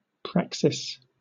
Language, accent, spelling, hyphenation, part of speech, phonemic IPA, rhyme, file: English, Southern England, praxis, prax‧is, noun, /ˈpɹæk.sɪs/, -æksɪs, LL-Q1860 (eng)-praxis.wav
- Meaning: 1. The practical application of any branch of learning 2. The deliberate action of a rational being 3. The synthesis of theory and practice, without presuming the primacy of either